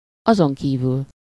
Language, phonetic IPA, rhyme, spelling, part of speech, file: Hungarian, [ˈɒzoŋkiːvyl], -yl, azonkívül, adverb, Hu-azonkívül.ogg
- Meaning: moreover, besides, in addition (in addition to what has been said)